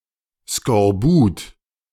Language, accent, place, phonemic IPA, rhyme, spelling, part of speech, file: German, Germany, Berlin, /skɔrˈbuːt/, -uːt, Skorbut, noun, De-Skorbut.ogg
- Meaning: scurvy